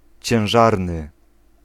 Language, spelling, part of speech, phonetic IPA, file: Polish, ciężarny, adjective, [t͡ɕɛ̃w̃ˈʒarnɨ], Pl-ciężarny.ogg